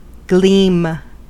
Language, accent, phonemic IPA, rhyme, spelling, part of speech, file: English, General American, /ɡlim/, -iːm, gleam, noun / verb, En-us-gleam.ogg
- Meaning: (noun) 1. An appearance of light, especially one which is indistinct or small, or short-lived 2. An indistinct sign of something; a glimpse or hint